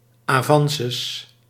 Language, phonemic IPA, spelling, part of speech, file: Dutch, /aˈvɑ̃səs/, avances, noun, Nl-avances.ogg
- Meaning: plural of avance